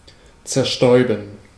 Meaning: to spray (to project a liquid in a disperse manner)
- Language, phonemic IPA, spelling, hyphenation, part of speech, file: German, /tsɛʁˈʃtɔʏ̯bən/, zerstäuben, zer‧stäu‧ben, verb, De-zerstäuben.ogg